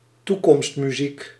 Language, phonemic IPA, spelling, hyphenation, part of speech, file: Dutch, /ˈtu.kɔmst.myˌzik/, toekomstmuziek, toe‧komst‧mu‧ziek, noun, Nl-toekomstmuziek.ogg
- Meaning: something, especially a futuristic proposal, that is very unlikely to be realised in the near future; something unrealistic